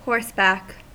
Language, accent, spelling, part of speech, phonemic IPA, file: English, US, horseback, noun / adverb, /ˈhɔɹsˌbæk/, En-us-horseback.ogg
- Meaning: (noun) 1. The back of a horse 2. A ridge of sand, gravel, and boulders; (adverb) On the back of a horse